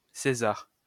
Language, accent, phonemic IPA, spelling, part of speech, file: French, France, /se.zaʁ/, césar, noun, LL-Q150 (fra)-césar.wav
- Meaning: Caesar